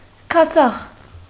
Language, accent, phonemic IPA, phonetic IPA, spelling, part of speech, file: Armenian, Western Armenian, /kɑˈt͡sɑχ/, [kʰɑt͡sʰɑ́χ], քացախ, noun, HyW-քացախ.ogg
- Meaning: vinegar